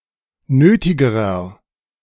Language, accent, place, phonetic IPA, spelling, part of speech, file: German, Germany, Berlin, [ˈnøːtɪɡəʁɐ], nötigerer, adjective, De-nötigerer.ogg
- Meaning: inflection of nötig: 1. strong/mixed nominative masculine singular comparative degree 2. strong genitive/dative feminine singular comparative degree 3. strong genitive plural comparative degree